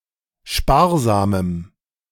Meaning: strong dative masculine/neuter singular of sparsam
- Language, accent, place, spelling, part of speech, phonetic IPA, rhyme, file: German, Germany, Berlin, sparsamem, adjective, [ˈʃpaːɐ̯zaːməm], -aːɐ̯zaːməm, De-sparsamem.ogg